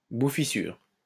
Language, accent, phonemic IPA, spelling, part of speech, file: French, France, /bu.fi.syʁ/, bouffissure, noun, LL-Q150 (fra)-bouffissure.wav
- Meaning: swollen flesh, intumescence (especially referring to soft swellings without redness)